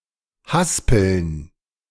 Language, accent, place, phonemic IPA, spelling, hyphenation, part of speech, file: German, Germany, Berlin, /ˈhaspl̩n/, haspeln, has‧peln, verb, De-haspeln.ogg
- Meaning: to reel